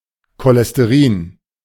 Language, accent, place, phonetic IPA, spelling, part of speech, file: German, Germany, Berlin, [kolɛsteˈʁiːn], Cholesterin, noun, De-Cholesterin.ogg
- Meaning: cholesterol